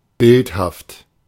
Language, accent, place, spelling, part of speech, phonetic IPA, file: German, Germany, Berlin, bildhaft, adjective, [ˈbɪlthaft], De-bildhaft.ogg
- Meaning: pictorial, graphic, iconic